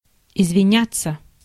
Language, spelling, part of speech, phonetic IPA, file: Russian, извиняться, verb, [ɪzvʲɪˈnʲat͡sːə], Ru-извиняться.ogg
- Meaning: 1. to apologize (to make an apology or defense) 2. passive of извиня́ть (izvinjátʹ)